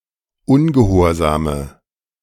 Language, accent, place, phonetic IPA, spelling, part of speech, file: German, Germany, Berlin, [ˈʊnɡəˌhoːɐ̯zaːmə], ungehorsame, adjective, De-ungehorsame.ogg
- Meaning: inflection of ungehorsam: 1. strong/mixed nominative/accusative feminine singular 2. strong nominative/accusative plural 3. weak nominative all-gender singular